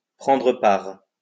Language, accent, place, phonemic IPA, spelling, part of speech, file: French, France, Lyon, /pʁɑ̃.dʁə paʁ/, prendre part, verb, LL-Q150 (fra)-prendre part.wav
- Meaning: to take part, to participate